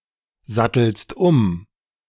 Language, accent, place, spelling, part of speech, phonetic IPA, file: German, Germany, Berlin, sattelst um, verb, [ˌzatl̩st ˈʊm], De-sattelst um.ogg
- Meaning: second-person singular present of umsatteln